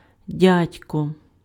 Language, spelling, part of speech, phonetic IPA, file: Ukrainian, дядько, noun, [ˈdʲadʲkɔ], Uk-дядько.ogg
- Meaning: uncle